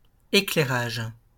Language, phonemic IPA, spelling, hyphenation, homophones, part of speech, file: French, /e.klɛ.ʁaʒ/, éclairage, é‧clai‧rage, éclairages, noun, LL-Q150 (fra)-éclairage.wav
- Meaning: lighting (equipment used to provide illumination; illumination so provided)